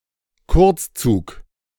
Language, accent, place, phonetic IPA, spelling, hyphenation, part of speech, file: German, Germany, Berlin, [ˈkʊʁt͡sˌt͡suːk], Kurzzug, Kurz‧zug, noun, De-Kurzzug.ogg
- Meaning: short train